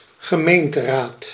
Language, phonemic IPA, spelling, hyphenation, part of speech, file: Dutch, /ɣəˈmeːn.təˌraːt/, gemeenteraad, ge‧meen‧te‧raad, noun, Nl-gemeenteraad.ogg
- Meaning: city council, municipal council